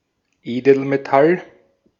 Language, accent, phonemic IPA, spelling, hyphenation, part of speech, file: German, Austria, /ˈeːdl̩meˌtal/, Edelmetall, Edel‧me‧tall, noun, De-at-Edelmetall.ogg
- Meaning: noble metal